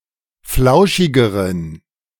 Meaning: inflection of flauschig: 1. strong genitive masculine/neuter singular comparative degree 2. weak/mixed genitive/dative all-gender singular comparative degree
- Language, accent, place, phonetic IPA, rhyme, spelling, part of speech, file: German, Germany, Berlin, [ˈflaʊ̯ʃɪɡəʁən], -aʊ̯ʃɪɡəʁən, flauschigeren, adjective, De-flauschigeren.ogg